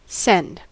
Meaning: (verb) 1. To make something (such as an object or message) go from one place to another (or to someone) 2. To get one going; move to excitement or rapture; to delight or thrill
- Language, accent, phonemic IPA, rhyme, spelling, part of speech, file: English, US, /sɛnd/, -ɛnd, send, verb / noun, En-us-send.ogg